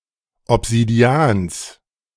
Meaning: genitive singular of Obsidian
- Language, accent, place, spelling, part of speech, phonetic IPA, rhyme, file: German, Germany, Berlin, Obsidians, noun, [ɔpz̥idiˈaːns], -aːns, De-Obsidians.ogg